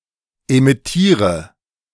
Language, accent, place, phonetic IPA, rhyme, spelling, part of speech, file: German, Germany, Berlin, [emɪˈtiːʁə], -iːʁə, emittiere, verb, De-emittiere.ogg
- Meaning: inflection of emittieren: 1. first-person singular present 2. first/third-person singular subjunctive I 3. singular imperative